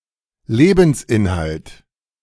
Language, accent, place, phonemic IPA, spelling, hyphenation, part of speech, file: German, Germany, Berlin, /ˈleːbn̩sˌʔɪnhalt/, Lebensinhalt, Le‧bens‧in‧halt, noun, De-Lebensinhalt.ogg
- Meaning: raison d'être (purpose in one's life)